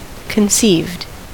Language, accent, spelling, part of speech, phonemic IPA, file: English, US, conceived, verb, /kənˈsiːvd/, En-us-conceived.ogg
- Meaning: simple past and past participle of conceive